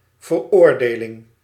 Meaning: conviction, condemnation
- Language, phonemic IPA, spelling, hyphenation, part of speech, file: Dutch, /vərˈordelɪŋ/, veroordeling, ver‧oor‧de‧ling, noun, Nl-veroordeling.ogg